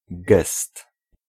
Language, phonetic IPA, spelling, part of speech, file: Polish, [ɡɛst], gest, noun, Pl-gest.ogg